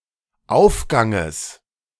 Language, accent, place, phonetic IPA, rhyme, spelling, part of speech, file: German, Germany, Berlin, [ˈaʊ̯fˌɡaŋəs], -aʊ̯fɡaŋəs, Aufganges, noun, De-Aufganges.ogg
- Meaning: genitive of Aufgang